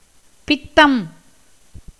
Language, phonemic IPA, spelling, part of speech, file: Tamil, /pɪt̪ːɐm/, பித்தம், noun, Ta-பித்தம்.ogg
- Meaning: 1. gall, bile 2. bewilderment, delirium 3. derangement, lunacy, madness 4. pepper